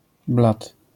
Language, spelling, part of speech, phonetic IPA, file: Polish, blat, noun, [blat], LL-Q809 (pol)-blat.wav